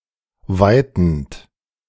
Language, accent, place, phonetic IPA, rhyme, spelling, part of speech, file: German, Germany, Berlin, [ˈvaɪ̯tn̩t], -aɪ̯tn̩t, weitend, verb, De-weitend.ogg
- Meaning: present participle of weiten